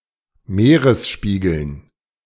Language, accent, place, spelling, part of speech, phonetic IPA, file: German, Germany, Berlin, Meeresspiegeln, noun, [ˈmeːʁəsˌʃpiːɡl̩n], De-Meeresspiegeln.ogg
- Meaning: dative plural of Meeresspiegel